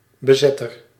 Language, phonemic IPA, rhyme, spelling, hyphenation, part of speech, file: Dutch, /bəˈzɛ.tər/, -ɛtər, bezetter, be‧zet‧ter, noun, Nl-bezetter.ogg
- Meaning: occupier